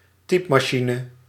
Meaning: typewriter
- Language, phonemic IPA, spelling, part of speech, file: Dutch, /ˈtipmɑˌʃinə/, typmachine, noun, Nl-typmachine.ogg